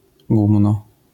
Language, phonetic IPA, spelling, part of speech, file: Polish, [ˈɡũmnɔ], gumno, noun, LL-Q809 (pol)-gumno.wav